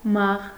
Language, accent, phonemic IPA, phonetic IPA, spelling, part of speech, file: Armenian, Eastern Armenian, /mɑʁ/, [mɑʁ], մաղ, noun, Hy-մաղ.ogg
- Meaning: sieve